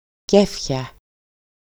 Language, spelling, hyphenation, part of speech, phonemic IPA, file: Greek, κέφια, κέ‧φια, noun, /ˈcefça/, EL-κέφια.ogg
- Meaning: nominative/accusative/vocative plural of κέφι (kéfi)